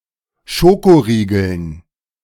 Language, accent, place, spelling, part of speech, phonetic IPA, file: German, Germany, Berlin, Schokoriegeln, noun, [ˈʃokoʁiːɡl̩n], De-Schokoriegeln.ogg
- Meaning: dative plural of Schokoriegel